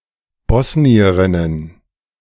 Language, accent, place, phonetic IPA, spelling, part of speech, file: German, Germany, Berlin, [ˈbɔsniəʁɪnən], Bosnierinnen, noun, De-Bosnierinnen.ogg
- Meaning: plural of Bosnierin